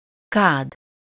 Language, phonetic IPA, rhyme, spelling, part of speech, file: Hungarian, [ˈkaːd], -aːd, kád, noun, Hu-kád.ogg
- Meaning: 1. vat 2. bathtub